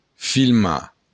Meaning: to film
- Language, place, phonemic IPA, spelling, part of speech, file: Occitan, Béarn, /filˈma/, filmar, verb, LL-Q14185 (oci)-filmar.wav